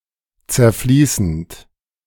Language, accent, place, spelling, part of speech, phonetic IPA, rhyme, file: German, Germany, Berlin, zerfließend, verb, [t͡sɛɐ̯ˈfliːsn̩t], -iːsn̩t, De-zerfließend.ogg
- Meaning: present participle of zerfließen